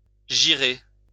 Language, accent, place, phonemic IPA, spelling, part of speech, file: French, France, Lyon, /ʒi.ʁe/, gyrer, verb, LL-Q150 (fra)-gyrer.wav
- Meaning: to turn, to rotate, to spin